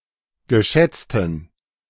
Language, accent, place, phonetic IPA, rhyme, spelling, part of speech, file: German, Germany, Berlin, [ɡəˈʃɛt͡stn̩], -ɛt͡stn̩, geschätzten, adjective, De-geschätzten.ogg
- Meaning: inflection of geschätzt: 1. strong genitive masculine/neuter singular 2. weak/mixed genitive/dative all-gender singular 3. strong/weak/mixed accusative masculine singular 4. strong dative plural